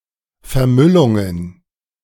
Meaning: plural of Vermüllung
- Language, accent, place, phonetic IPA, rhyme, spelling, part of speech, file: German, Germany, Berlin, [fɛɐ̯ˈmʏlʊŋən], -ʏlʊŋən, Vermüllungen, noun, De-Vermüllungen.ogg